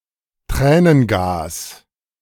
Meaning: tear gas
- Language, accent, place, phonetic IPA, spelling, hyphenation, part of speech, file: German, Germany, Berlin, [ˈtrɛːnənˌɡaːs], Tränengas, Trä‧nen‧gas, noun, De-Tränengas.ogg